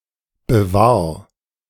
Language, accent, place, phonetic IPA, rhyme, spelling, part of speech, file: German, Germany, Berlin, [bəˈvaːɐ̯], -aːɐ̯, bewahr, verb, De-bewahr.ogg
- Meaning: 1. singular imperative of bewahren 2. first-person singular present of bewahren